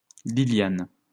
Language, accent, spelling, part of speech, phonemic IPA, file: French, France, Liliane, proper noun, /li.ljan/, LL-Q150 (fra)-Liliane.wav
- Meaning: a female given name, equivalent to English Lilian